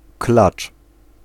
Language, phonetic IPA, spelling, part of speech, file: Polish, [klat͡ʃ], klacz, noun, Pl-klacz.ogg